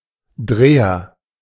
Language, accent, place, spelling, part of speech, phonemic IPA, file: German, Germany, Berlin, Dreher, noun, /ˈdʁeːɐ/, De-Dreher.ogg
- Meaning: agent noun of drehen; turner: 1. turner, lathe operator 2. a type of folk dance from Austria and southern Germany